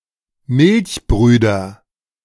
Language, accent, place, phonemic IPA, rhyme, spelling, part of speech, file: German, Germany, Berlin, /ˈmɪlçˌbʁyːdɐ/, -yːdɐ, Milchbrüder, noun, De-Milchbrüder.ogg
- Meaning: nominative/accusative/genitive plural of Milchbruder